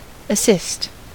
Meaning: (verb) 1. To help 2. To make a pass that leads directly towards scoring 3. To help compensate for what is missing with the help of a medical technique or therapy
- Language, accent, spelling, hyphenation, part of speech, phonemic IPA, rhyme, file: English, US, assist, as‧sist, verb / noun, /əˈsɪst/, -ɪst, En-us-assist.ogg